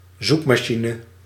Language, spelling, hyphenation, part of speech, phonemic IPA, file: Dutch, zoekmachine, zoek‧ma‧chi‧ne, noun, /ˈzukmaːˌʃinə/, Nl-zoekmachine.ogg
- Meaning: search engine (application that searches for, and retrieves, data based on some criteria)